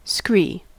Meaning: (noun) 1. Loose stony debris on a slope 2. Similar debris made up of broken building material such as bricks, concrete, etc 3. A slope made up of scree at the base of a cliff, mountain, etc
- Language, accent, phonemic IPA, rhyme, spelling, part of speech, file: English, General American, /skɹi/, -iː, scree, noun / verb, En-us-scree.ogg